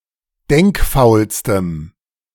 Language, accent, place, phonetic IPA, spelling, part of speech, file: German, Germany, Berlin, [ˈdɛŋkˌfaʊ̯lstəm], denkfaulstem, adjective, De-denkfaulstem.ogg
- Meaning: strong dative masculine/neuter singular superlative degree of denkfaul